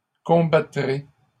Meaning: second-person plural future of combattre
- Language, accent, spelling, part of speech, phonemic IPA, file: French, Canada, combattrez, verb, /kɔ̃.ba.tʁe/, LL-Q150 (fra)-combattrez.wav